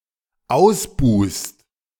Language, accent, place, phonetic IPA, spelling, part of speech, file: German, Germany, Berlin, [ˈaʊ̯sˌbuːst], ausbuhst, verb, De-ausbuhst.ogg
- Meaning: second-person singular dependent present of ausbuhen